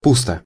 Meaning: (adverb) 1. in an empty manner, emptily 2. in an idle manner 3. in a shallow or vain manner (of one's personality) 4. futilely; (adjective) 1. it is empty, it is deserted 2. one is lonely
- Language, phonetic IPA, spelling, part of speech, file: Russian, [ˈpustə], пусто, adverb / adjective, Ru-пусто.ogg